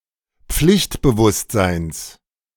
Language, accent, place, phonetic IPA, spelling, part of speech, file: German, Germany, Berlin, [ˈp͡flɪçtbəˌvʊstzaɪ̯ns], Pflichtbewusstseins, noun, De-Pflichtbewusstseins.ogg
- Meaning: genitive of Pflichtbewusstsein